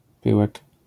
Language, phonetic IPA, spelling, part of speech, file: Polish, [ˈpɨwɛk], pyłek, noun, LL-Q809 (pol)-pyłek.wav